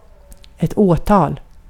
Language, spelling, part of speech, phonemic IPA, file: Swedish, åtal, noun, /²oːˌtɑːl/, Sv-åtal.ogg
- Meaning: a prosecution, an indictment, a legal process